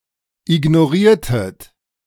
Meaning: inflection of ignorieren: 1. second-person plural preterite 2. second-person plural subjunctive II
- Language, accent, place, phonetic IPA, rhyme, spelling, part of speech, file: German, Germany, Berlin, [ɪɡnoˈʁiːɐ̯tət], -iːɐ̯tət, ignoriertet, verb, De-ignoriertet.ogg